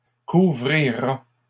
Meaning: third-person singular future of couvrir
- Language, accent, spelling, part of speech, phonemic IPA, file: French, Canada, couvrira, verb, /ku.vʁi.ʁa/, LL-Q150 (fra)-couvrira.wav